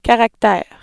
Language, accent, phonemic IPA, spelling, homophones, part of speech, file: French, Canada, /ka.ʁak.tɛʁ/, caractère, caractères, noun, Qc-caractère.ogg
- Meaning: 1. character (written symbol) 2. nature 3. character, demeanour, 4. personality